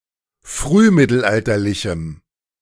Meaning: strong dative masculine/neuter singular of frühmittelalterlich
- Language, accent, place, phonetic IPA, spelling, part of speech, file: German, Germany, Berlin, [ˈfʁyːˌmɪtl̩ʔaltɐlɪçm̩], frühmittelalterlichem, adjective, De-frühmittelalterlichem.ogg